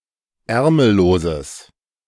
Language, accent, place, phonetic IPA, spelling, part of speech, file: German, Germany, Berlin, [ˈɛʁml̩loːzəs], ärmelloses, adjective, De-ärmelloses.ogg
- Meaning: strong/mixed nominative/accusative neuter singular of ärmellos